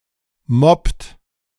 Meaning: inflection of moppen: 1. third-person singular present 2. second-person plural present 3. plural imperative
- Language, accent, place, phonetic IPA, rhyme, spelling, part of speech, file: German, Germany, Berlin, [mɔpt], -ɔpt, moppt, verb, De-moppt.ogg